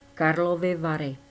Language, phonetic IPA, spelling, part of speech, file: Czech, [karlovɪ varɪ], Karlovy Vary, proper noun, Cs Karlovy Vary.ogg
- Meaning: Karlovy Vary (a spa city, district, and administrative region located in western Bohemia, Czech Republic; formerly known as Karlsbad)